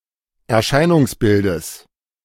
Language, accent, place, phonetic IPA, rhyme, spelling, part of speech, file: German, Germany, Berlin, [ɛɐ̯ˈʃaɪ̯nʊŋsˌbɪldəs], -aɪ̯nʊŋsbɪldəs, Erscheinungsbildes, noun, De-Erscheinungsbildes.ogg
- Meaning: genitive singular of Erscheinungsbild